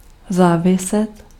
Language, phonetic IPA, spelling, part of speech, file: Czech, [ˈzaːvɪsɛt], záviset, verb, Cs-záviset.ogg
- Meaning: to depend or rely on